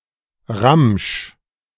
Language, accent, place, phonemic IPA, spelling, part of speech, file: German, Germany, Berlin, /ʁamʃ/, Ramsch, noun, De-Ramsch.ogg
- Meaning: 1. junk (miscellaneous items of little value) 2. an unofficial round sometimes played if all three players pass in the bidding, having no declarer and the goal of achieving the lowest score